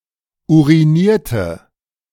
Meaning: inflection of urinieren: 1. first/third-person singular preterite 2. first/third-person singular subjunctive II
- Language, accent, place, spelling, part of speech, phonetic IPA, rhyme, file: German, Germany, Berlin, urinierte, verb, [ˌuʁiˈniːɐ̯tə], -iːɐ̯tə, De-urinierte.ogg